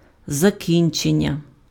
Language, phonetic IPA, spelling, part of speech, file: Ukrainian, [zɐˈkʲint͡ʃenʲːɐ], закінчення, noun, Uk-закінчення.ogg
- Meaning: 1. verbal noun of закі́нчи́ти pf (zakínčýty) and закі́нчи́тися pf (zakínčýtysja) 2. ending, completion 3. ending